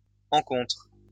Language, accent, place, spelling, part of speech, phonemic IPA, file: French, France, Lyon, encontre, noun, /ɑ̃.kɔ̃tʁ/, LL-Q150 (fra)-encontre.wav
- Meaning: only used in à l'encontre de